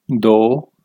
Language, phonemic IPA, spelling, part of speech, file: Punjabi, /d̪oː/, ਦੋ, numeral, Pa-ਦੋ.ogg
- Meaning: two